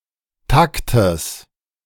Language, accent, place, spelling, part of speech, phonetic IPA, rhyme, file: German, Germany, Berlin, Taktes, noun, [ˈtaktəs], -aktəs, De-Taktes.ogg
- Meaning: genitive singular of Takt